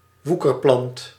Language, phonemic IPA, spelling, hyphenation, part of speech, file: Dutch, /ˈʋu.kərˌplɑnt/, woekerplant, woe‧ker‧plant, noun, Nl-woekerplant.ogg
- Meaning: parasitic plant that overgrows its host